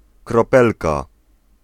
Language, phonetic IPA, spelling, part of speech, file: Polish, [krɔˈpɛlka], kropelka, noun, Pl-kropelka.ogg